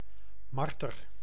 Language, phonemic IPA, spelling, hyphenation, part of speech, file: Dutch, /ˈmɑr.tər/, marter, mar‧ter, noun, Nl-marter.ogg
- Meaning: marten (mammal)